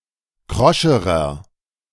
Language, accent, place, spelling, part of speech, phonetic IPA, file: German, Germany, Berlin, kroscherer, adjective, [ˈkʁɔʃəʁɐ], De-kroscherer.ogg
- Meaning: inflection of krosch: 1. strong/mixed nominative masculine singular comparative degree 2. strong genitive/dative feminine singular comparative degree 3. strong genitive plural comparative degree